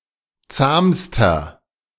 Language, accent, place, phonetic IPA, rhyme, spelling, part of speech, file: German, Germany, Berlin, [ˈt͡saːmstɐ], -aːmstɐ, zahmster, adjective, De-zahmster.ogg
- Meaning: inflection of zahm: 1. strong/mixed nominative masculine singular superlative degree 2. strong genitive/dative feminine singular superlative degree 3. strong genitive plural superlative degree